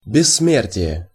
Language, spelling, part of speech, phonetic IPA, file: Russian, бессмертие, noun, [bʲɪsːˈmʲertʲɪje], Ru-бессмертие.ogg
- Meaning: immortality